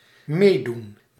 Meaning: to take part, participate
- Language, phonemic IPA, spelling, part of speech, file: Dutch, /ˈmedun/, meedoen, verb, Nl-meedoen.ogg